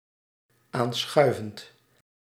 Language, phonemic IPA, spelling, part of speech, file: Dutch, /ˈansxœyvənt/, aanschuivend, verb, Nl-aanschuivend.ogg
- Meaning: present participle of aanschuiven